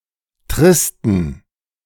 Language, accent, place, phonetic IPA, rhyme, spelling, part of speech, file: German, Germany, Berlin, [ˈtʁɪstn̩], -ɪstn̩, tristen, adjective, De-tristen.ogg
- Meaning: inflection of trist: 1. strong genitive masculine/neuter singular 2. weak/mixed genitive/dative all-gender singular 3. strong/weak/mixed accusative masculine singular 4. strong dative plural